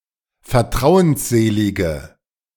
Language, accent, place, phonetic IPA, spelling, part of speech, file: German, Germany, Berlin, [fɛɐ̯ˈtʁaʊ̯ənsˌzeːlɪɡə], vertrauensselige, adjective, De-vertrauensselige.ogg
- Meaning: inflection of vertrauensselig: 1. strong/mixed nominative/accusative feminine singular 2. strong nominative/accusative plural 3. weak nominative all-gender singular